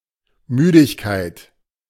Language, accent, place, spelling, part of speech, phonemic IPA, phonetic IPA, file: German, Germany, Berlin, Müdigkeit, noun, /ˈmyːdɪçˌkaɪ̯t/, [ˈmyːdɪçˌkaɪ̯t], De-Müdigkeit.ogg
- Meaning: tiredness